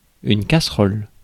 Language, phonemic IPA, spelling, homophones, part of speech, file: French, /ka.sʁɔl/, casserole, casseroles, noun, Fr-casserole.ogg
- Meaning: 1. saucepan (utensil) 2. saucepan (contents of a saucepan) 3. stewpot, cooking pot